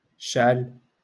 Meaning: 1. to light 2. to turn on
- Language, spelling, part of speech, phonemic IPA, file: Moroccan Arabic, شعل, verb, /ʃʕal/, LL-Q56426 (ary)-شعل.wav